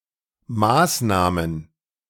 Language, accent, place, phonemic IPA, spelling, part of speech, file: German, Germany, Berlin, /ˈmaːsnaːmən/, Maßnahmen, noun, De-Maßnahmen.ogg
- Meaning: plural of Maßnahme